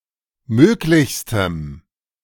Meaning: strong dative masculine/neuter singular superlative degree of möglich
- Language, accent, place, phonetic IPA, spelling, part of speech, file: German, Germany, Berlin, [ˈmøːklɪçstəm], möglichstem, adjective, De-möglichstem.ogg